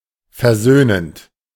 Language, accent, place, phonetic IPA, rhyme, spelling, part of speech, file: German, Germany, Berlin, [fɛɐ̯ˈzøːnənt], -øːnənt, versöhnend, verb, De-versöhnend.ogg
- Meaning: present participle of versöhnen